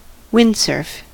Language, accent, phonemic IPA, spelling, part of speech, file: English, US, /ˈwɪndsɜː(ɹ)f/, windsurf, verb / noun, En-us-windsurf.ogg
- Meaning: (verb) To ride a surfboard that has an attached sail; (noun) An act of windsurfing